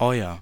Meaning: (pronoun) genitive singular of ihr; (determiner) your (addressing two or more people informally)
- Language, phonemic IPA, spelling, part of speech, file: German, /ˈɔʏ̯ɐ/, euer, pronoun / determiner, De-euer.ogg